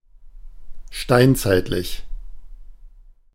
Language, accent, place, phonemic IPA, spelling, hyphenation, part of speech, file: German, Germany, Berlin, /ˈʃtaɪ̯nt͡saɪ̯tlɪç/, steinzeitlich, stein‧zeit‧lich, adjective, De-steinzeitlich.ogg
- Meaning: stone-age